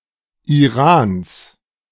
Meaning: genitive singular of Iran
- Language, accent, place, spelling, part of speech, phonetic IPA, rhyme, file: German, Germany, Berlin, Irans, noun, [iˈʁaːns], -aːns, De-Irans.ogg